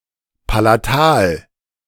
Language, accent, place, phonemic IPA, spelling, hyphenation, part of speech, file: German, Germany, Berlin, /palaˈtaːl/, Palatal, Pa‧la‧tal, noun, De-Palatal.ogg
- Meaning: palatal